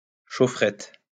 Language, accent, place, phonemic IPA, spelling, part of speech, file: French, France, Lyon, /ʃo.fʁɛt/, chaufferette, noun, LL-Q150 (fra)-chaufferette.wav
- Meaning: heater; foot heater, bed warmer